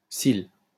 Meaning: eyelash
- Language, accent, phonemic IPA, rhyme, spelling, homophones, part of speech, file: French, France, /sil/, -il, cil, sil / scille / cils, noun, LL-Q150 (fra)-cil.wav